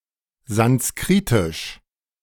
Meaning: Sanskrit
- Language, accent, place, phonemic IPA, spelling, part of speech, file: German, Germany, Berlin, /zansˈkʁɪtɪʃ/, sanskritisch, adjective, De-sanskritisch.ogg